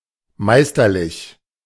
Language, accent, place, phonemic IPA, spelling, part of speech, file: German, Germany, Berlin, /ˈmaɪ̯stɐˌlɪç/, meisterlich, adjective, De-meisterlich.ogg
- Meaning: masterful, masterly